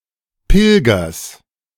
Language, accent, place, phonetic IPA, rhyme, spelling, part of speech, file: German, Germany, Berlin, [ˈpɪlɡɐs], -ɪlɡɐs, Pilgers, noun, De-Pilgers.ogg
- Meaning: genitive singular of Pilger